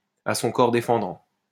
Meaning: 1. in self-defense 2. reluctantly, unwillingly, against one's will
- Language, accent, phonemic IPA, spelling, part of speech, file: French, France, /a sɔ̃ kɔʁ de.fɑ̃.dɑ̃/, à son corps défendant, adverb, LL-Q150 (fra)-à son corps défendant.wav